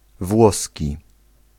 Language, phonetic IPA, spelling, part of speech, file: Polish, [ˈvwɔsʲci], włoski, adjective / noun, Pl-włoski.ogg